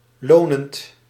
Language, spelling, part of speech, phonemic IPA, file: Dutch, lonend, adjective / verb, /ˈlonənt/, Nl-lonend.ogg
- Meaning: present participle of lonen